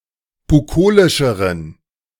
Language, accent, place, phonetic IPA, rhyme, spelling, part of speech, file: German, Germany, Berlin, [buˈkoːlɪʃəʁən], -oːlɪʃəʁən, bukolischeren, adjective, De-bukolischeren.ogg
- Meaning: inflection of bukolisch: 1. strong genitive masculine/neuter singular comparative degree 2. weak/mixed genitive/dative all-gender singular comparative degree